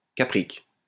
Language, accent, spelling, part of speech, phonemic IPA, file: French, France, caprique, adjective, /ka.pʁik/, LL-Q150 (fra)-caprique.wav
- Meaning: capric